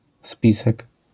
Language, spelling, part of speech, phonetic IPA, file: Polish, spisek, noun, [ˈspʲisɛk], LL-Q809 (pol)-spisek.wav